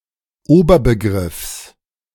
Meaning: genitive singular of Oberbegriff
- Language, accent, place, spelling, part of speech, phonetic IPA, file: German, Germany, Berlin, Oberbegriffs, noun, [ˈoːbɐbəˌɡʁɪfs], De-Oberbegriffs.ogg